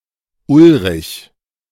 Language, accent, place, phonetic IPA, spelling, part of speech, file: German, Germany, Berlin, [ˈʊlʁɪç], Ulrich, proper noun, De-Ulrich.ogg
- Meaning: a male given name from Old High German Uodalrich, popular in Germany since the Middle Ages, feminine equivalent Ulrike, equivalent to English Ulric, Danish Ulrik, Norwegian Ulrik, or Swedish Ulrik